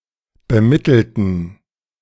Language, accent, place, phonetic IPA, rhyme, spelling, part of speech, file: German, Germany, Berlin, [bəˈmɪtl̩tn̩], -ɪtl̩tn̩, bemittelten, adjective / verb, De-bemittelten.ogg
- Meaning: inflection of bemittelt: 1. strong genitive masculine/neuter singular 2. weak/mixed genitive/dative all-gender singular 3. strong/weak/mixed accusative masculine singular 4. strong dative plural